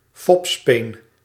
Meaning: pacifier
- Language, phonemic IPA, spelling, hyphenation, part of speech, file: Dutch, /ˈfɔp.speːn/, fopspeen, fop‧speen, noun, Nl-fopspeen.ogg